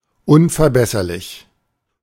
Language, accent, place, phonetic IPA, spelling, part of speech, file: German, Germany, Berlin, [ˌʊnfɛɐ̯ˈbɛsɐlɪç], unverbesserlich, adjective, De-unverbesserlich.ogg
- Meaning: unimprovable; which cannot be improved: 1. incorrigible (unimprovable because any correction is impossible) 2. perfect (unimprovable because something is its theoretical best)